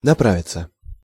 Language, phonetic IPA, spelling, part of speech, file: Russian, [nɐˈpravʲɪt͡sə], направиться, verb, Ru-направиться.ogg
- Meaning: 1. to head, to make one's way 2. to get going 3. passive of напра́вить (naprávitʹ)